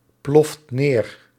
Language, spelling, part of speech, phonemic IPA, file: Dutch, ploft neer, verb, /ˈplɔft ˈner/, Nl-ploft neer.ogg
- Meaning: inflection of neerploffen: 1. second/third-person singular present indicative 2. plural imperative